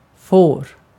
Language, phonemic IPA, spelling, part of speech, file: Swedish, /foːr/, får, noun / verb, Sv-får.ogg
- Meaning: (noun) 1. sheep (animal) 2. sheepmeat; mutton (as part of a dish; otherwise, might get qualified as fårkött (literally “sheepmeat”)) 3. a sheep (easily led person)